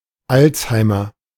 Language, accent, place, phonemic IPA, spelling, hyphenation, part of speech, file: German, Germany, Berlin, /ˈaltshaɪ̯mər/, Alzheimer, Alz‧hei‧mer, proper noun / noun, De-Alzheimer.ogg
- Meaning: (proper noun) a surname; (noun) Alzheimer's disease